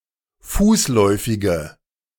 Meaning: inflection of fußläufig: 1. strong/mixed nominative/accusative feminine singular 2. strong nominative/accusative plural 3. weak nominative all-gender singular
- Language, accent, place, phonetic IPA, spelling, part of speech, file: German, Germany, Berlin, [ˈfuːsˌlɔɪ̯fɪɡə], fußläufige, adjective, De-fußläufige.ogg